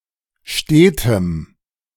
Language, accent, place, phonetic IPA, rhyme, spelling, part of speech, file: German, Germany, Berlin, [ˈʃteːtəm], -eːtəm, stetem, adjective, De-stetem.ogg
- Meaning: strong dative masculine/neuter singular of stet